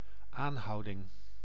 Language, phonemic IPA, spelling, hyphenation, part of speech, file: Dutch, /ˈaːnˌɦɑu̯.dɪŋ/, aanhouding, aan‧hou‧ding, noun, Nl-aanhouding.ogg
- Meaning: arrest, detention